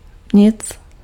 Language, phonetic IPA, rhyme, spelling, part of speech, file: Czech, [ˈɲɪt͡s], -ɪts, nic, pronoun, Cs-nic.ogg
- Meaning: nothing (not a thing)